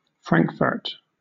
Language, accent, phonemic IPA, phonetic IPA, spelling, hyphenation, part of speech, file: English, Southern England, /ˈfɹæŋkfɜːt/, [ˈfɹæŋkfɜːt], Frankfurt, Frank‧furt, proper noun, LL-Q1860 (eng)-Frankfurt.wav
- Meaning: 1. The largest city in Hesse, in central Germany; in full, Frankfurt am Main 2. The largest city in Hesse, in central Germany; in full, Frankfurt am Main.: The German financial industry